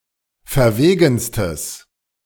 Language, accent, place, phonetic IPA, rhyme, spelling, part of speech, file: German, Germany, Berlin, [fɛɐ̯ˈveːɡn̩stəs], -eːɡn̩stəs, verwegenstes, adjective, De-verwegenstes.ogg
- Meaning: strong/mixed nominative/accusative neuter singular superlative degree of verwegen